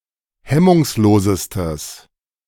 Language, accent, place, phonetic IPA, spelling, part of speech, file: German, Germany, Berlin, [ˈhɛmʊŋsˌloːzəstəs], hemmungslosestes, adjective, De-hemmungslosestes.ogg
- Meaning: strong/mixed nominative/accusative neuter singular superlative degree of hemmungslos